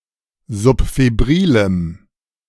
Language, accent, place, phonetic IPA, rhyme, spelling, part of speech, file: German, Germany, Berlin, [zʊpfeˈbʁiːləm], -iːləm, subfebrilem, adjective, De-subfebrilem.ogg
- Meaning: strong dative masculine/neuter singular of subfebril